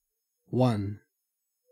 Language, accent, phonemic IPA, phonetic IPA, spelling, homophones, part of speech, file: English, Australia, /wɐn/, [wän], one, wan, numeral / pronoun / noun / adjective / determiner / verb, En-au-one.ogg
- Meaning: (numeral) 1. The number represented by the Arabic numeral 1; the numerical value equal to that cardinal number 2. The first positive number in the set of natural numbers